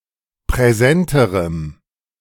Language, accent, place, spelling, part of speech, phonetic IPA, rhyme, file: German, Germany, Berlin, präsenterem, adjective, [pʁɛˈzɛntəʁəm], -ɛntəʁəm, De-präsenterem.ogg
- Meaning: strong dative masculine/neuter singular comparative degree of präsent